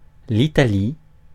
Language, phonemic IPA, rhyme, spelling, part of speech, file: French, /i.ta.li/, -i, Italie, proper noun, Fr-Italie.ogg
- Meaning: Italy (a country in Southern Europe)